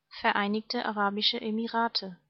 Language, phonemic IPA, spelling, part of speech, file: German, /fɛɐ̯ˈaɪnɪçtə ˈʔaːʁaːbɪʃə ˈʔeːmɪʁaːtə/, Vereinigte Arabische Emirate, proper noun, De-Vereinigte Arabische Emirate.ogg
- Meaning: United Arab Emirates (a country in West Asia in the Middle East)